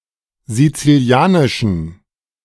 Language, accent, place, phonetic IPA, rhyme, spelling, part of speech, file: German, Germany, Berlin, [zit͡siˈli̯aːnɪʃn̩], -aːnɪʃn̩, Sizilianischen, noun, De-Sizilianischen.ogg
- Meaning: genitive singular of Sizilianisch